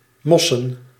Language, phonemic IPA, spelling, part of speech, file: Dutch, /ˈmɔsə(n)/, mossen, noun, Nl-mossen.ogg
- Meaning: plural of mos